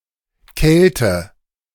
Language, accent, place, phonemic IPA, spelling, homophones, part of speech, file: German, Germany, Berlin, /ˈkɛltə/, Kelte, Kälte, noun, De-Kelte.ogg
- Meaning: Celt